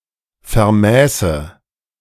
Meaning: first/third-person singular subjunctive II of vermessen
- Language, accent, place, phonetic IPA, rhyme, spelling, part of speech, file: German, Germany, Berlin, [fɛɐ̯ˈmɛːsə], -ɛːsə, vermäße, verb, De-vermäße.ogg